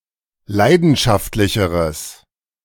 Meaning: strong/mixed nominative/accusative neuter singular comparative degree of leidenschaftlich
- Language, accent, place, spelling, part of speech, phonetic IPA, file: German, Germany, Berlin, leidenschaftlicheres, adjective, [ˈlaɪ̯dn̩ʃaftlɪçəʁəs], De-leidenschaftlicheres.ogg